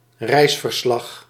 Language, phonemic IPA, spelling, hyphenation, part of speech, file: Dutch, /ˈrɛi̯s.vərˌslɑx/, reisverslag, reis‧ver‧slag, noun, Nl-reisverslag.ogg
- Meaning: record of a voyage, travelogue, itinerary